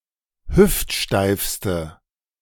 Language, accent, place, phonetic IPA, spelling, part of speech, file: German, Germany, Berlin, [ˈhʏftˌʃtaɪ̯fstə], hüftsteifste, adjective, De-hüftsteifste.ogg
- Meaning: inflection of hüftsteif: 1. strong/mixed nominative/accusative feminine singular superlative degree 2. strong nominative/accusative plural superlative degree